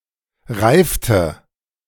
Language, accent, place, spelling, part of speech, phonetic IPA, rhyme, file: German, Germany, Berlin, reifte, verb, [ˈʁaɪ̯ftə], -aɪ̯ftə, De-reifte.ogg
- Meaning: inflection of reifen: 1. first/third-person singular preterite 2. first/third-person singular subjunctive II